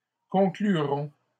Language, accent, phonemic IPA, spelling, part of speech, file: French, Canada, /kɔ̃.kly.ʁɔ̃/, concluront, verb, LL-Q150 (fra)-concluront.wav
- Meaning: third-person plural simple future of conclure